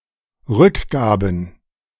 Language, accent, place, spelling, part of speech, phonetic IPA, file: German, Germany, Berlin, Rückgaben, noun, [ˈʁʏkˌɡaːbn̩], De-Rückgaben.ogg
- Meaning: plural of Rückgabe